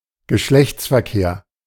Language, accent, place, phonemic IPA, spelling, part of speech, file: German, Germany, Berlin, /ɡəˈʃlɛçt͡sfɛɐ̯ˌkeːɐ̯/, Geschlechtsverkehr, noun, De-Geschlechtsverkehr.ogg
- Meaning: sexual intercourse